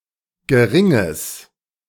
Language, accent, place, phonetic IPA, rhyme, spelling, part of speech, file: German, Germany, Berlin, [ɡəˈʁɪŋəs], -ɪŋəs, geringes, adjective, De-geringes.ogg
- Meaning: strong/mixed nominative/accusative neuter singular of gering